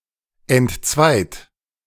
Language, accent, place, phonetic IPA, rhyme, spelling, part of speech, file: German, Germany, Berlin, [ɛntˈt͡svaɪ̯t], -aɪ̯t, entzweit, verb, De-entzweit.ogg
- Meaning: 1. past participle of entzweien 2. inflection of entzweien: third-person singular present 3. inflection of entzweien: second-person plural present 4. inflection of entzweien: plural imperative